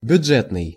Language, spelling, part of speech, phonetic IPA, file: Russian, бюджетный, adjective, [bʲʊd͡ʐˈʐɛtnɨj], Ru-бюджетный.ogg
- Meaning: 1. budget; budgetary 2. budget (appropriate to a restricted budget)